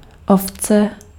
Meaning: sheep
- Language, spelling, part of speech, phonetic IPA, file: Czech, ovce, noun, [ˈoft͡sɛ], Cs-ovce.ogg